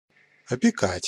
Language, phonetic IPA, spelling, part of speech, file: Russian, [ɐpʲɪˈkatʲ], опекать, verb, Ru-опекать.ogg
- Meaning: 1. to be guardian to, to be trustee to, to have the wardship (of); to be warden to 2. to patronize; to watch over, to take care of